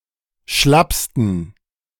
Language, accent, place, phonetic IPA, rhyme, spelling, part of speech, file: German, Germany, Berlin, [ˈʃlapstn̩], -apstn̩, schlappsten, adjective, De-schlappsten.ogg
- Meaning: 1. superlative degree of schlapp 2. inflection of schlapp: strong genitive masculine/neuter singular superlative degree